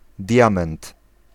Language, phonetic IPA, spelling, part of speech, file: Polish, [ˈdʲjãmɛ̃nt], diament, noun, Pl-diament.ogg